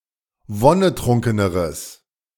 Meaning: strong/mixed nominative/accusative neuter singular comparative degree of wonnetrunken
- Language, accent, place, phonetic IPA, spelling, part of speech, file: German, Germany, Berlin, [ˈvɔnəˌtʁʊŋkənəʁəs], wonnetrunkeneres, adjective, De-wonnetrunkeneres.ogg